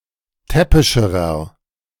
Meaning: inflection of täppisch: 1. strong/mixed nominative masculine singular comparative degree 2. strong genitive/dative feminine singular comparative degree 3. strong genitive plural comparative degree
- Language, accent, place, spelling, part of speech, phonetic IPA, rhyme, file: German, Germany, Berlin, täppischerer, adjective, [ˈtɛpɪʃəʁɐ], -ɛpɪʃəʁɐ, De-täppischerer.ogg